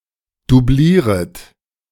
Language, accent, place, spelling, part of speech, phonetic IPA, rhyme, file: German, Germany, Berlin, dublieret, verb, [duˈbliːʁət], -iːʁət, De-dublieret.ogg
- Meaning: second-person plural subjunctive I of dublieren